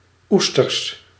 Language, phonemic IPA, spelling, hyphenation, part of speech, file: Dutch, /ˈustərs/, oesters, oes‧ters, noun, Nl-oesters.ogg
- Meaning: plural of oester